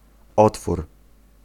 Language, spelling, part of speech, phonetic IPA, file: Polish, otwór, noun, [ˈɔtfur], Pl-otwór.ogg